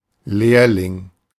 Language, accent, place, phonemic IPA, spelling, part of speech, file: German, Germany, Berlin, /ˈleːɐ̯lɪŋ/, Lehrling, noun, De-Lehrling.ogg
- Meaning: apprentice